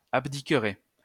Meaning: third-person plural conditional of abdiquer
- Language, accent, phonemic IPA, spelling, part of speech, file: French, France, /ab.di.kʁɛ/, abdiqueraient, verb, LL-Q150 (fra)-abdiqueraient.wav